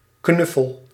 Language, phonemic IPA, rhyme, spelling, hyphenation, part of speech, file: Dutch, /ˈknʏ.fəl/, -ʏfəl, knuffel, knuf‧fel, noun / verb, Nl-knuffel.ogg
- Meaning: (noun) 1. a hug, cuddle 2. a cuddly animal or other stuffed toy, plushie, soft toy; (verb) inflection of knuffelen: first-person singular present indicative